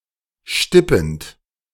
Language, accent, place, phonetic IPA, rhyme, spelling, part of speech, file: German, Germany, Berlin, [ˈʃtɪpn̩t], -ɪpn̩t, stippend, verb, De-stippend.ogg
- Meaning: present participle of stippen